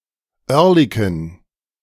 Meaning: a district of Zurich, Switzerland
- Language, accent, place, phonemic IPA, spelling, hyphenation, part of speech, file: German, Germany, Berlin, /ˈœʁlɪkoːn/, Oerlikon, Oer‧li‧kon, proper noun, De-Oerlikon.ogg